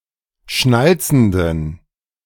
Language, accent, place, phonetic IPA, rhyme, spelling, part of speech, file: German, Germany, Berlin, [ˈʃnalt͡sn̩dən], -alt͡sn̩dən, schnalzenden, adjective, De-schnalzenden.ogg
- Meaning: inflection of schnalzend: 1. strong genitive masculine/neuter singular 2. weak/mixed genitive/dative all-gender singular 3. strong/weak/mixed accusative masculine singular 4. strong dative plural